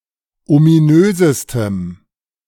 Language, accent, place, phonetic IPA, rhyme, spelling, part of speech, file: German, Germany, Berlin, [omiˈnøːzəstəm], -øːzəstəm, ominösestem, adjective, De-ominösestem.ogg
- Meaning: strong dative masculine/neuter singular superlative degree of ominös